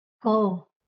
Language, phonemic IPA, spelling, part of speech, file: Marathi, /kə/, क, character, LL-Q1571 (mar)-क.wav
- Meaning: The first consonant in Marathi